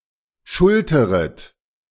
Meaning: second-person plural subjunctive I of schultern
- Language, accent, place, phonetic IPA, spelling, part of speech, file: German, Germany, Berlin, [ˈʃʊltəʁət], schulteret, verb, De-schulteret.ogg